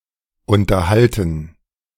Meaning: 1. to maintain 2. to entertain 3. to converse
- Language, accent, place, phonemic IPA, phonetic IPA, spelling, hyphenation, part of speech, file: German, Germany, Berlin, /ˌʊntəʁˈhaltən/, [ˌʔʊntɐˈhaltn̩], unterhalten, un‧ter‧hal‧ten, verb, De-unterhalten2.ogg